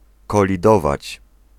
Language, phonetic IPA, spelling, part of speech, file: Polish, [ˌkɔlʲiˈdɔvat͡ɕ], kolidować, verb, Pl-kolidować.ogg